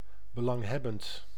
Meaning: 1. important 2. interested (e.g. owning a share of a company)
- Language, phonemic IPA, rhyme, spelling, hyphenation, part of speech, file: Dutch, /bəˌlɑŋˈɦɛ.bənt/, -ɛbənt, belanghebbend, be‧lang‧heb‧bend, adjective, Nl-belanghebbend.ogg